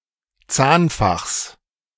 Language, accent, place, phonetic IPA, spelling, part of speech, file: German, Germany, Berlin, [ˈt͡saːnˌfaxs], Zahnfachs, noun, De-Zahnfachs.ogg
- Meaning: genitive singular of Zahnfach